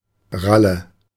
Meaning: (noun) rail, crake (bird); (proper noun) a diminutive of the male given name Ralf
- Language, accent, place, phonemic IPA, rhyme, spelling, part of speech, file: German, Germany, Berlin, /ˈʁalə/, -alə, Ralle, noun / proper noun, De-Ralle.ogg